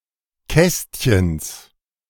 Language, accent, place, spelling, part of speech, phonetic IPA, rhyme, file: German, Germany, Berlin, Kästchens, noun, [ˈkɛstçəns], -ɛstçəns, De-Kästchens.ogg
- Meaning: genitive singular of Kästchen